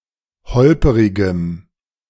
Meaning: strong dative masculine/neuter singular of holperig
- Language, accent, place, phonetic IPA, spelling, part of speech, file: German, Germany, Berlin, [ˈhɔlpəʁɪɡəm], holperigem, adjective, De-holperigem.ogg